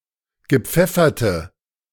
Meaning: inflection of gepfeffert: 1. strong/mixed nominative/accusative feminine singular 2. strong nominative/accusative plural 3. weak nominative all-gender singular
- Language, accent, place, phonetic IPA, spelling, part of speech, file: German, Germany, Berlin, [ɡəˈp͡fɛfɐtə], gepfefferte, adjective, De-gepfefferte.ogg